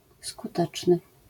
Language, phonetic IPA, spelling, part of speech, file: Polish, [skuˈtɛt͡ʃnɨ], skuteczny, adjective, LL-Q809 (pol)-skuteczny.wav